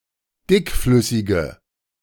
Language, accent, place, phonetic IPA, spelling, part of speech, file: German, Germany, Berlin, [ˈdɪkˌflʏsɪɡə], dickflüssige, adjective, De-dickflüssige.ogg
- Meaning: inflection of dickflüssig: 1. strong/mixed nominative/accusative feminine singular 2. strong nominative/accusative plural 3. weak nominative all-gender singular